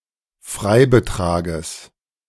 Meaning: genitive singular of Freibetrag
- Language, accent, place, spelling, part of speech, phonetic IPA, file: German, Germany, Berlin, Freibetrages, noun, [ˈfʁaɪ̯bəˌtʁaːɡəs], De-Freibetrages.ogg